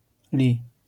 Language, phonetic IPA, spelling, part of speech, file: Polish, [lʲi], li, particle / conjunction / adverb / noun, LL-Q809 (pol)-li.wav